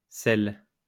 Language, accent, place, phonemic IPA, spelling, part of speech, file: French, France, Lyon, /sɛl/, celles, pronoun, LL-Q150 (fra)-celles.wav
- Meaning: feminine plural of celui: those